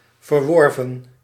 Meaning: past participle of verwerven
- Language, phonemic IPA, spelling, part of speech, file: Dutch, /vərˈʋɔr.və(n)/, verworven, verb, Nl-verworven.ogg